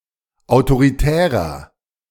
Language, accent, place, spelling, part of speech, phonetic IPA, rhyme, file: German, Germany, Berlin, autoritärer, adjective, [aʊ̯toʁiˈtɛːʁɐ], -ɛːʁɐ, De-autoritärer.ogg
- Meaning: 1. comparative degree of autoritär 2. inflection of autoritär: strong/mixed nominative masculine singular 3. inflection of autoritär: strong genitive/dative feminine singular